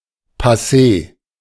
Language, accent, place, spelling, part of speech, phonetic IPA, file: German, Germany, Berlin, passé, adjective, [ˌpaˈseː], De-passé.ogg
- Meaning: past, over